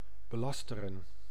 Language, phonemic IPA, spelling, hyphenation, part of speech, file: Dutch, /bəˈlɑstərə(n)/, belasteren, be‧las‧te‧ren, verb, Nl-belasteren.ogg
- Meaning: to defame, discredit